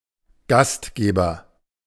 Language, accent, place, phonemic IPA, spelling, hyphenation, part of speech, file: German, Germany, Berlin, /ˈɡastˌɡeːbɐ/, Gastgeber, Gast‧ge‧ber, noun, De-Gastgeber.ogg
- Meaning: host (a person who allows a guest, particularly into the host's home)